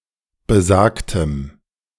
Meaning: strong dative masculine/neuter singular of besagt
- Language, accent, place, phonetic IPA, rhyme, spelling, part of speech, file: German, Germany, Berlin, [bəˈzaːktəm], -aːktəm, besagtem, adjective, De-besagtem.ogg